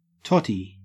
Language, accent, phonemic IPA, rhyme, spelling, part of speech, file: English, Australia, /ˈtɒti/, -ɒti, totty, noun, En-au-totty.ogg
- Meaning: 1. sexually attractive women considered collectively; usually connoting a connection with the upper class 2. an individual sexually attractive woman